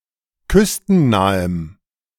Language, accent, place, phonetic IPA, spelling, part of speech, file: German, Germany, Berlin, [ˈkʏstn̩ˌnaːəm], küstennahem, adjective, De-küstennahem.ogg
- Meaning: strong dative masculine/neuter singular of küstennah